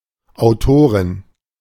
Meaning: 1. female equivalent of Autor (“author”): female author, authoress 2. feminine equivalent of Autor m (“author”)
- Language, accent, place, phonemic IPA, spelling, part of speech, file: German, Germany, Berlin, /ʔaʊ̯ˈtoːʁɪn/, Autorin, noun, De-Autorin.ogg